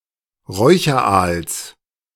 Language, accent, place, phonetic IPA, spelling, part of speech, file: German, Germany, Berlin, [ˈʁɔɪ̯çɐˌʔaːls], Räucheraals, noun, De-Räucheraals.ogg
- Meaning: genitive singular of Räucheraal